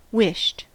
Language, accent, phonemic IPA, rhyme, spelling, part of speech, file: English, US, /wɪʃt/, -ɪʃt, wished, verb, En-us-wished.ogg
- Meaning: simple past and past participle of wish